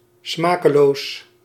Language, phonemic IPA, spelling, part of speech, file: Dutch, /ˈsmaː.kə.los/, smakeloos, adjective, Nl-smakeloos.ogg
- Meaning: 1. tasteless (said of food and drink) 2. obscene, vulgar, tasteless